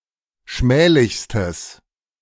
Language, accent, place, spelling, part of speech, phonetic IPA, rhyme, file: German, Germany, Berlin, schmählichstes, adjective, [ˈʃmɛːlɪçstəs], -ɛːlɪçstəs, De-schmählichstes.ogg
- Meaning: strong/mixed nominative/accusative neuter singular superlative degree of schmählich